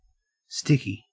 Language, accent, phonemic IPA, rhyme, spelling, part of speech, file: English, Australia, /ˈstɪki/, -ɪki, sticky, adjective / noun / verb, En-au-sticky.ogg
- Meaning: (adjective) 1. Tending to stick; able to adhere via the drying of a viscous substance 2. Difficult, awkward 3. Of a death: unpleasant, grisly